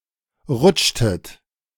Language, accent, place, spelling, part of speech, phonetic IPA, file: German, Germany, Berlin, rutschtet, verb, [ˈʁʊt͡ʃtət], De-rutschtet.ogg
- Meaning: inflection of rutschen: 1. second-person plural preterite 2. second-person plural subjunctive II